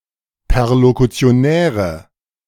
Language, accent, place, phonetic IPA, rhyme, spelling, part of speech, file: German, Germany, Berlin, [pɛʁlokut͡si̯oˈnɛːʁə], -ɛːʁə, perlokutionäre, adjective, De-perlokutionäre.ogg
- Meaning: inflection of perlokutionär: 1. strong/mixed nominative/accusative feminine singular 2. strong nominative/accusative plural 3. weak nominative all-gender singular